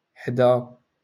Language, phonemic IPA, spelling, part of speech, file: Moroccan Arabic, /ħdaː/, حدا, preposition, LL-Q56426 (ary)-حدا.wav
- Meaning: near, next to